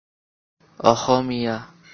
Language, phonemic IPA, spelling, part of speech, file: Assamese, /ɔ.xomiɑ/, অসমীয়া, proper noun, As-অসমীয়া.oga
- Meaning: Assamese language